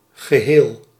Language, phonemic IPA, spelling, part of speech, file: Dutch, /ɣəˈhel/, geheel, noun / adjective / adverb, Nl-geheel.ogg
- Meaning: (adjective) whole, entire; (adverb) entirely; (noun) whole, entirety